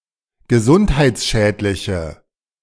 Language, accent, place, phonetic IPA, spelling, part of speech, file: German, Germany, Berlin, [ɡəˈzʊnthaɪ̯t͡sˌʃɛːtlɪçə], gesundheitsschädliche, adjective, De-gesundheitsschädliche.ogg
- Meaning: inflection of gesundheitsschädlich: 1. strong/mixed nominative/accusative feminine singular 2. strong nominative/accusative plural 3. weak nominative all-gender singular